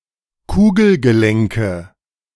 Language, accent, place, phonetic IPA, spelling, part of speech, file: German, Germany, Berlin, [ˈkuːɡl̩ɡəˌlɛŋkə], Kugelgelenke, noun, De-Kugelgelenke.ogg
- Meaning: nominative/accusative/genitive plural of Kugelgelenk